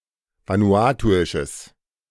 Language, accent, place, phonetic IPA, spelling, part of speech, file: German, Germany, Berlin, [ˌvanuˈaːtuɪʃəs], vanuatuisches, adjective, De-vanuatuisches.ogg
- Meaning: strong/mixed nominative/accusative neuter singular of vanuatuisch